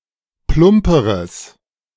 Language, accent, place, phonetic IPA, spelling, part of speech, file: German, Germany, Berlin, [ˈplʊmpəʁəs], plumperes, adjective, De-plumperes.ogg
- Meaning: strong/mixed nominative/accusative neuter singular comparative degree of plump